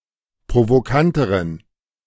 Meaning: inflection of provokant: 1. strong genitive masculine/neuter singular comparative degree 2. weak/mixed genitive/dative all-gender singular comparative degree
- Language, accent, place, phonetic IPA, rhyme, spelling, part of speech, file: German, Germany, Berlin, [pʁovoˈkantəʁən], -antəʁən, provokanteren, adjective, De-provokanteren.ogg